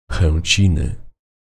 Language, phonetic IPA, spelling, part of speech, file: Polish, [xɛ̃ɲˈt͡ɕĩnɨ], Chęciny, proper noun, Pl-Chęciny.ogg